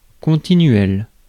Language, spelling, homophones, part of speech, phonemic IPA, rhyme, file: French, continuel, continuelle / continuelles / continuels, adjective, /kɔ̃.ti.nɥɛl/, -ɥɛl, Fr-continuel.ogg
- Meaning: continuous, continual